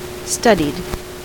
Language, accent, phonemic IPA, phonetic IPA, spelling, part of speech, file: English, US, /ˈstʌd.id/, [ˈstʌɾ.id], studied, verb / adjective, En-us-studied.ogg
- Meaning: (verb) simple past and past participle of study; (adjective) 1. Practiced; self-conscious; careful; not spontaneous 2. Qualified by, or versed in, study; learned